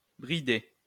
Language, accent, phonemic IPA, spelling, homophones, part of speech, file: French, France, /bʁi.de/, bridé, bridai / bridée / bridées / brider / bridés / bridez, verb / adjective / noun, LL-Q150 (fra)-bridé.wav
- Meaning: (verb) past participle of brider; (adjective) having an epicanthus (typical of but not limited to East Asians); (noun) chink, slant, slope (a person of East Asian descent)